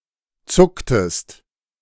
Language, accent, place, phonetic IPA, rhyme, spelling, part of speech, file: German, Germany, Berlin, [ˈt͡sʊktəst], -ʊktəst, zucktest, verb, De-zucktest.ogg
- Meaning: inflection of zucken: 1. second-person singular preterite 2. second-person singular subjunctive II